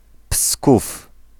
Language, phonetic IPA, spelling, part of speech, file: Polish, [pskuf], Psków, proper noun, Pl-Psków.ogg